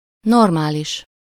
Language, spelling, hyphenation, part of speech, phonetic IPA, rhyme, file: Hungarian, normális, nor‧má‧lis, adjective, [ˈnormaːliʃ], -iʃ, Hu-normális.ogg
- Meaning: 1. normal 2. in one's right mind